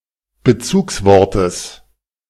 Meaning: genitive singular of Bezugswort
- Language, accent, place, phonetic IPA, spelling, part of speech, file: German, Germany, Berlin, [bəˈt͡suːksˌvɔʁtəs], Bezugswortes, noun, De-Bezugswortes.ogg